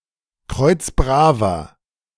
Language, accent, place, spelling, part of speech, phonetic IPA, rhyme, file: German, Germany, Berlin, kreuzbraver, adjective, [ˈkʁɔɪ̯t͡sˈbʁaːvɐ], -aːvɐ, De-kreuzbraver.ogg
- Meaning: inflection of kreuzbrav: 1. strong/mixed nominative masculine singular 2. strong genitive/dative feminine singular 3. strong genitive plural